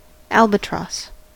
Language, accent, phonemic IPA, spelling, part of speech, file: English, US, /ˈæl.bəˌtɹɔs/, albatross, noun, En-us-albatross.ogg
- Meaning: Any of various large seabirds of the family Diomedeidae ranging widely in the Southern Ocean and the North Pacific and having a hooked beak and long narrow wings